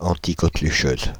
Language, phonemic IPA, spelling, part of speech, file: French, /ɑ̃.ti.kɔ.kly.ʃøz/, anticoquelucheuse, adjective, Fr-anticoquelucheuse.ogg
- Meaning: feminine singular of anticoquelucheux